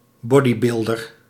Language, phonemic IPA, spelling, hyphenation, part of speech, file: Dutch, /ˈbɔ.diˌbɪl.dər/, bodybuilder, bo‧dy‧buil‧der, noun, Nl-bodybuilder.ogg
- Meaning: bodybuilder